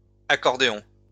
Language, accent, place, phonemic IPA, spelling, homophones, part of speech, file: French, France, Lyon, /a.kɔʁ.de.ɔ̃/, accordéons, accordéon, noun, LL-Q150 (fra)-accordéons.wav
- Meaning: plural of accordéon